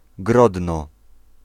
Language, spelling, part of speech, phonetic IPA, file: Polish, Grodno, proper noun, [ˈɡrɔdnɔ], Pl-Grodno.ogg